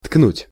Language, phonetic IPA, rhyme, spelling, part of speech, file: Russian, [tknutʲ], -utʲ, ткнуть, verb, Ru-ткнуть.ogg
- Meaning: 1. to poke, to jab, to stick, to prod 2. to hit